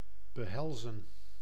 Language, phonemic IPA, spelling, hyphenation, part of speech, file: Dutch, /bəˈɦɛlzə(n)/, behelzen, be‧hel‧zen, verb, Nl-behelzen.ogg
- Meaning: 1. to contain 2. to involve